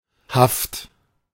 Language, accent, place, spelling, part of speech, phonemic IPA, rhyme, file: German, Germany, Berlin, Haft, noun, /haft/, -aft, De-Haft.ogg
- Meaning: 1. arrest, custody, imprisonment (the state of being confined by order of a government or ruler) 2. captivity (any confinement, e.g. by criminals)